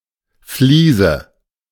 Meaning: tile (on walls or floors)
- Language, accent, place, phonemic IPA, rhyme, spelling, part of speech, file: German, Germany, Berlin, /ˈfliːzə/, -iːzə, Fliese, noun, De-Fliese.ogg